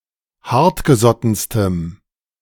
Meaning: strong dative masculine/neuter singular superlative degree of hartgesotten
- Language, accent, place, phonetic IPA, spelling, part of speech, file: German, Germany, Berlin, [ˈhaʁtɡəˌzɔtn̩stəm], hartgesottenstem, adjective, De-hartgesottenstem.ogg